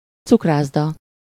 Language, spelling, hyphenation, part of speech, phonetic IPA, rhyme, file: Hungarian, cukrászda, cuk‧rász‧da, noun, [ˈt͡sukraːzdɒ], -dɒ, Hu-cukrászda.ogg
- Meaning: confectionery (pastry shop), confectioner's